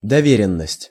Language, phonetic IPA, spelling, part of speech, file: Russian, [dɐˈvʲerʲɪn(ː)əsʲtʲ], доверенность, noun, Ru-доверенность.ogg
- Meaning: 1. letter of attorney, power of attorney 2. proxy